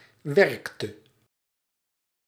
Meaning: inflection of werken: 1. singular past indicative 2. singular past subjunctive
- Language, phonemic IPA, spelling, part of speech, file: Dutch, /ˈʋɛrk.tə/, werkte, verb, Nl-werkte.ogg